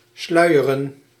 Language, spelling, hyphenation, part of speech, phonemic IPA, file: Dutch, sluieren, slui‧e‧ren, verb, /ˈslœy̯.ə.rə(n)/, Nl-sluieren.ogg
- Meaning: to veil, to cover with a veil